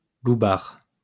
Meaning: yob; hooligan
- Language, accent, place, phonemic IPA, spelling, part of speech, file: French, France, Lyon, /lu.baʁ/, loubard, noun, LL-Q150 (fra)-loubard.wav